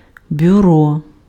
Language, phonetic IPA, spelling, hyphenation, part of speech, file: Ukrainian, [bʲʊˈrɔ], бюро, бю‧ро, noun, Uk-бюро.ogg
- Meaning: office, bureau, agency